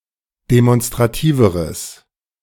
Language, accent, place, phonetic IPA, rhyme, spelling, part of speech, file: German, Germany, Berlin, [demɔnstʁaˈtiːvəʁəs], -iːvəʁəs, demonstrativeres, adjective, De-demonstrativeres.ogg
- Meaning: strong/mixed nominative/accusative neuter singular comparative degree of demonstrativ